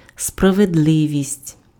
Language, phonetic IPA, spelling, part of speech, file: Ukrainian, [sprɐʋedˈɫɪʋʲisʲtʲ], справедливість, noun, Uk-справедливість.ogg
- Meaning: 1. justice 2. fairness, equitability